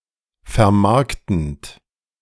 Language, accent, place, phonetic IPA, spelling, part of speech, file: German, Germany, Berlin, [fɛɐ̯ˈmaʁktn̩t], vermarktend, verb, De-vermarktend.ogg
- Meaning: present participle of vermarkten